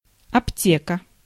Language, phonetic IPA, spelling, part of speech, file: Russian, [ɐpˈtʲekə], аптека, noun, Ru-аптека.ogg
- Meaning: chemist (store); drugstore; pharmacy